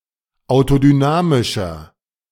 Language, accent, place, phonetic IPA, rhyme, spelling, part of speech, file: German, Germany, Berlin, [aʊ̯todyˈnaːmɪʃɐ], -aːmɪʃɐ, autodynamischer, adjective, De-autodynamischer.ogg
- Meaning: inflection of autodynamisch: 1. strong/mixed nominative masculine singular 2. strong genitive/dative feminine singular 3. strong genitive plural